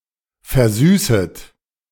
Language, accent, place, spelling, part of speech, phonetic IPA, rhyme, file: German, Germany, Berlin, versüßet, verb, [fɛɐ̯ˈzyːsət], -yːsət, De-versüßet.ogg
- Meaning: second-person plural subjunctive I of versüßen